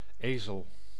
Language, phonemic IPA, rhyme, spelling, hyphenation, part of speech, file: Dutch, /ˈeː.zəl/, -eːzəl, ezel, ezel, noun, Nl-ezel.ogg
- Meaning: 1. donkey, ass (Equus asinus or Equus asinus asinus) 2. fool, idiot 3. easel